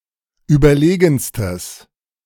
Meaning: strong/mixed nominative/accusative neuter singular superlative degree of überlegen
- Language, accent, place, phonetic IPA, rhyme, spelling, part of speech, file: German, Germany, Berlin, [ˌyːbɐˈleːɡn̩stəs], -eːɡn̩stəs, überlegenstes, adjective, De-überlegenstes.ogg